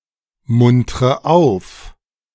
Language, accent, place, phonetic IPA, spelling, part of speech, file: German, Germany, Berlin, [ˌmʊntʁə ˈaʊ̯f], muntre auf, verb, De-muntre auf.ogg
- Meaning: inflection of aufmuntern: 1. first-person singular present 2. first/third-person singular subjunctive I 3. singular imperative